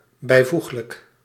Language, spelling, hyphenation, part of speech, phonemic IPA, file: Dutch, bijvoeglijk, bij‧voeg‧lijk, adjective, /bɛi̯ˈvux.lək/, Nl-bijvoeglijk.ogg
- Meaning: adjectival